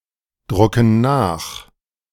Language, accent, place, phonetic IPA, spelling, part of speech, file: German, Germany, Berlin, [ˌdʁʊkn̩ ˈnaːx], drucken nach, verb, De-drucken nach.ogg
- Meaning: inflection of nachdrucken: 1. first/third-person plural present 2. first/third-person plural subjunctive I